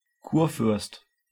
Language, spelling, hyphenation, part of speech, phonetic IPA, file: German, Kurfürst, Kur‧fürst, noun, [ˈkuːɐ̯ˌfʏʁst], De-Kurfürst.ogg
- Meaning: Elector, prince-elector (see Wikipedia), a member of the electoral college of the Holy Roman Empire